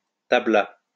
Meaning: third-person singular past historic of tabler
- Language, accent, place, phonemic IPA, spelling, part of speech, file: French, France, Lyon, /ta.bla/, tabla, verb, LL-Q150 (fra)-tabla.wav